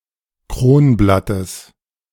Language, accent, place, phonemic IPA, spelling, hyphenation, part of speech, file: German, Germany, Berlin, /ˈkroːnˌblatəs/, Kronblattes, Kron‧blat‧tes, noun, De-Kronblattes.ogg
- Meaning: genitive singular of Kronblatt